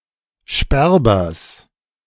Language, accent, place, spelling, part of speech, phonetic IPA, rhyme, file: German, Germany, Berlin, Sperbers, noun, [ˈʃpɛʁbɐs], -ɛʁbɐs, De-Sperbers.ogg
- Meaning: genitive singular of Sperber